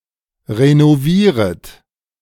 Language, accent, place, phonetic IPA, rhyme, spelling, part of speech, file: German, Germany, Berlin, [ʁenoˈviːʁət], -iːʁət, renovieret, verb, De-renovieret.ogg
- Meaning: second-person plural subjunctive I of renovieren